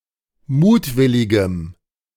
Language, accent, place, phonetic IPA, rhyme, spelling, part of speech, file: German, Germany, Berlin, [ˈmuːtˌvɪlɪɡəm], -uːtvɪlɪɡəm, mutwilligem, adjective, De-mutwilligem.ogg
- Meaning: strong dative masculine/neuter singular of mutwillig